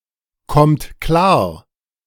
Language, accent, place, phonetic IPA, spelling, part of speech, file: German, Germany, Berlin, [ˌkɔmt ˈklaːɐ̯], kommt klar, verb, De-kommt klar.ogg
- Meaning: inflection of klarkommen: 1. third-person singular present 2. second-person plural present 3. plural imperative